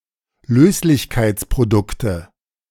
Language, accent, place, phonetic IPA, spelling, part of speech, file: German, Germany, Berlin, [ˈløːslɪçkaɪ̯t͡spʁoˌdʊktə], Löslichkeitsprodukte, noun, De-Löslichkeitsprodukte.ogg
- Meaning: nominative/accusative/genitive plural of Löslichkeitsprodukt